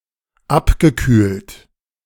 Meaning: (verb) past participle of abkühlen; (adjective) 1. cooled, chilled 2. slowed down
- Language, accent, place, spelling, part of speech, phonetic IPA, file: German, Germany, Berlin, abgekühlt, verb / adjective, [ˈapɡəˌkyːlt], De-abgekühlt.ogg